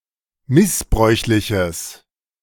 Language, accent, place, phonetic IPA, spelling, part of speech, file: German, Germany, Berlin, [ˈmɪsˌbʁɔɪ̯çlɪçəs], missbräuchliches, adjective, De-missbräuchliches.ogg
- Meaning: strong/mixed nominative/accusative neuter singular of missbräuchlich